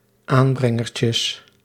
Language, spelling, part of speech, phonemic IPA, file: Dutch, aanbrengertjes, noun, /ˈambrɛŋərcəs/, Nl-aanbrengertjes.ogg
- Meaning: plural of aanbrengertje